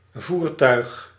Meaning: vehicle
- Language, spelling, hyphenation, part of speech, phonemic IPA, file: Dutch, voertuig, voer‧tuig, noun, /ˈvur.tœy̯x/, Nl-voertuig.ogg